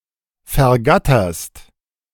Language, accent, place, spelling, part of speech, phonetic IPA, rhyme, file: German, Germany, Berlin, vergatterst, verb, [fɛɐ̯ˈɡatɐst], -atɐst, De-vergatterst.ogg
- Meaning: second-person singular present of vergattern